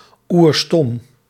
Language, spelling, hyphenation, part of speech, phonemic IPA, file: Dutch, oerstom, oer‧stom, adjective, /uːrˈstɔm/, Nl-oerstom.ogg
- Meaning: unusually dumb